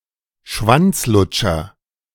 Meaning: cocksucker
- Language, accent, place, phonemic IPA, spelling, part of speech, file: German, Germany, Berlin, /ˈʃvantsˌlʊtʃɐ/, Schwanzlutscher, noun, De-Schwanzlutscher.ogg